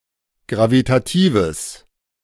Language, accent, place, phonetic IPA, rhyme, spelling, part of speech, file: German, Germany, Berlin, [ˌɡʁavitaˈtiːvəs], -iːvəs, gravitatives, adjective, De-gravitatives.ogg
- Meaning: strong/mixed nominative/accusative neuter singular of gravitativ